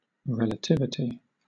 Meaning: The state of being relative to something else; the absence of universally applicable rules or standards; relativism; (countable) an instance of this
- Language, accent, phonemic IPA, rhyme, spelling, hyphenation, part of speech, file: English, Southern England, /ɹɛl.əˈtɪv.ɪ.ti/, -ɪvɪti, relativity, re‧la‧tiv‧i‧ty, noun, LL-Q1860 (eng)-relativity.wav